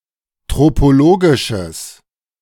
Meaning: strong/mixed nominative/accusative neuter singular of tropologisch
- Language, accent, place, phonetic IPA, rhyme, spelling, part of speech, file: German, Germany, Berlin, [ˌtʁopoˈloːɡɪʃəs], -oːɡɪʃəs, tropologisches, adjective, De-tropologisches.ogg